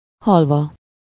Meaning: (verb) adverbial participle of hal (“to die”); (adverb) dead (as a complement: in the state of being dead); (noun) halva (confection usually made from crushed sesame seeds and honey)
- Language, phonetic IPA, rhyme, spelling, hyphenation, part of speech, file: Hungarian, [ˈhɒlvɒ], -vɒ, halva, hal‧va, verb / adverb / noun, Hu-halva.ogg